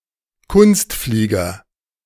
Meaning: aerobatic pilot
- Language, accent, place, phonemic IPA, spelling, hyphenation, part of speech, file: German, Germany, Berlin, /ˈkʊnstˌfliːɡɐ/, Kunstflieger, Kunst‧flie‧ger, noun, De-Kunstflieger.ogg